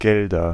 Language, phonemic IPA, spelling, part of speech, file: German, /ˈɡɛldɐ/, Gelder, noun, De-Gelder.ogg
- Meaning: nominative/accusative/genitive plural of Geld